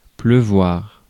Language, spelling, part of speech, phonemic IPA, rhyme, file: French, pleuvoir, verb, /plø.vwaʁ/, -waʁ, Fr-pleuvoir.ogg
- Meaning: to rain